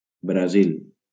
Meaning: Brazil (a large Portuguese-speaking country in South America)
- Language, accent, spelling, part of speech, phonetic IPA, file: Catalan, Valencia, Brasil, proper noun, [bɾaˈzil], LL-Q7026 (cat)-Brasil.wav